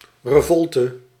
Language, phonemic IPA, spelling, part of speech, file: Dutch, /reˈvɔltə/, revolte, noun, Nl-revolte.ogg
- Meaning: revolt